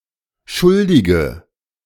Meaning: inflection of schuldig: 1. strong/mixed nominative/accusative feminine singular 2. strong nominative/accusative plural 3. weak nominative all-gender singular
- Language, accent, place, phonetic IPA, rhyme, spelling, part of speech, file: German, Germany, Berlin, [ˈʃʊldɪɡə], -ʊldɪɡə, schuldige, adjective, De-schuldige.ogg